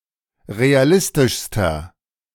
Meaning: inflection of realistisch: 1. strong/mixed nominative masculine singular superlative degree 2. strong genitive/dative feminine singular superlative degree 3. strong genitive plural superlative degree
- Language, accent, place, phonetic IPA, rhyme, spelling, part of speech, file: German, Germany, Berlin, [ʁeaˈlɪstɪʃstɐ], -ɪstɪʃstɐ, realistischster, adjective, De-realistischster.ogg